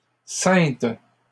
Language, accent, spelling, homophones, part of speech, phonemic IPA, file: French, Canada, ceinte, ceintes / Cynthe / sainte / saintes / Saintes, verb, /sɛ̃t/, LL-Q150 (fra)-ceinte.wav
- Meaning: feminine singular of ceint